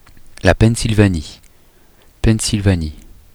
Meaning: Pennsylvania (a state of the United States)
- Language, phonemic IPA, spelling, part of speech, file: French, /pɛn.sil.va.ni/, Pennsylvanie, proper noun, Fr-Pennsylvanie.oga